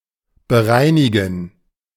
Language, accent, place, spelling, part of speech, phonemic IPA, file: German, Germany, Berlin, bereinigen, verb, /bəˈʁaɪ̯nɪɡən/, De-bereinigen.ogg
- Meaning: 1. to settle 2. to rectify 3. to revise, adjust